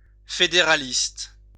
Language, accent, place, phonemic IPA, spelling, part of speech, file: French, France, Lyon, /fe.de.ʁa.list/, fédéraliste, noun / adjective, LL-Q150 (fra)-fédéraliste.wav
- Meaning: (noun) federalist